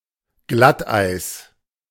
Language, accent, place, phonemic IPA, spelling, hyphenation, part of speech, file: German, Germany, Berlin, /ˈɡlatˌʔaɪ̯s/, Glatteis, Glatt‧eis, noun, De-Glatteis.ogg
- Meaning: black ice